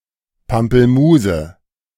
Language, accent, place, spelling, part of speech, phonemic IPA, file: German, Germany, Berlin, Pampelmuse, noun, /pampəlˈmuːze/, De-Pampelmuse.ogg
- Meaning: 1. pomelo (Citrus maxima) 2. grapefruit (Citrus paradisi)